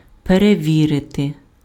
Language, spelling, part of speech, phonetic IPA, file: Ukrainian, перевірити, verb, [pereˈʋʲirete], Uk-перевірити.ogg
- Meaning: 1. to check, to verify, to test (ascertain the presence, quality or accuracy of) 2. to scrutinize 3. to audit